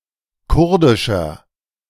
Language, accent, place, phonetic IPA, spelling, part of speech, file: German, Germany, Berlin, [ˈkʊʁdɪʃɐ], kurdischer, adjective, De-kurdischer.ogg
- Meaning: inflection of kurdisch: 1. strong/mixed nominative masculine singular 2. strong genitive/dative feminine singular 3. strong genitive plural